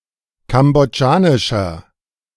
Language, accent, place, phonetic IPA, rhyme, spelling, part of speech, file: German, Germany, Berlin, [ˌkamboˈd͡ʒaːnɪʃɐ], -aːnɪʃɐ, kambodschanischer, adjective, De-kambodschanischer.ogg
- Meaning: inflection of kambodschanisch: 1. strong/mixed nominative masculine singular 2. strong genitive/dative feminine singular 3. strong genitive plural